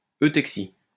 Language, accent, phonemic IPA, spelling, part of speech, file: French, France, /ø.tɛk.si/, eutexie, noun, LL-Q150 (fra)-eutexie.wav
- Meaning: eutexia